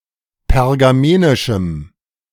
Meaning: strong dative masculine/neuter singular of pergamenisch
- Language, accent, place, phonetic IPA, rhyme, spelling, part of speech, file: German, Germany, Berlin, [pɛʁɡaˈmeːnɪʃm̩], -eːnɪʃm̩, pergamenischem, adjective, De-pergamenischem.ogg